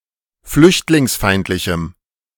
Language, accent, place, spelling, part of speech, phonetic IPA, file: German, Germany, Berlin, flüchtlingsfeindlichem, adjective, [ˈflʏçtlɪŋsˌfaɪ̯ntlɪçm̩], De-flüchtlingsfeindlichem.ogg
- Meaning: strong dative masculine/neuter singular of flüchtlingsfeindlich